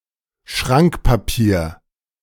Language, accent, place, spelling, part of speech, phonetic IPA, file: German, Germany, Berlin, Schrankpapier, noun, [ˈʃʁaŋkpaˌpiːɐ̯], De-Schrankpapier.ogg
- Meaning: lining paper, shelf paper